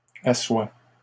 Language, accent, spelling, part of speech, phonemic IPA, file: French, Canada, assoit, verb, /a.swa/, LL-Q150 (fra)-assoit.wav
- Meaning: third-person singular present indicative of asseoir